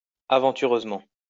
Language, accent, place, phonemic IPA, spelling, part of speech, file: French, France, Lyon, /a.vɑ̃.ty.ʁøz.mɑ̃/, aventureusement, adverb, LL-Q150 (fra)-aventureusement.wav
- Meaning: adventurously